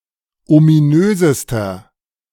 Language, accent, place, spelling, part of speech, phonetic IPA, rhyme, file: German, Germany, Berlin, ominösester, adjective, [omiˈnøːzəstɐ], -øːzəstɐ, De-ominösester.ogg
- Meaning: inflection of ominös: 1. strong/mixed nominative masculine singular superlative degree 2. strong genitive/dative feminine singular superlative degree 3. strong genitive plural superlative degree